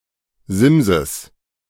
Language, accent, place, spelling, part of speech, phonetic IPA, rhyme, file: German, Germany, Berlin, Simses, noun, [ˈzɪmzəs], -ɪmzəs, De-Simses.ogg
- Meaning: genitive of Sims